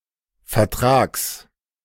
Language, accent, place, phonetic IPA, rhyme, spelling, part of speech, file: German, Germany, Berlin, [fɛɐ̯ˈtʁaːks], -aːks, Vertrags, noun, De-Vertrags.ogg
- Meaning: genitive singular of Vertrag